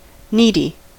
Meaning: 1. In need; poor 2. Desiring constant affirmation; lacking self-confidence 3. Needful; necessary
- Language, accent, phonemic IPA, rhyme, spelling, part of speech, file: English, US, /ˈniːdi/, -iːdi, needy, adjective, En-us-needy.ogg